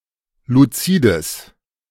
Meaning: strong/mixed nominative/accusative neuter singular of luzid
- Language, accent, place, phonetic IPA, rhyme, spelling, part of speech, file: German, Germany, Berlin, [luˈt͡siːdəs], -iːdəs, luzides, adjective, De-luzides.ogg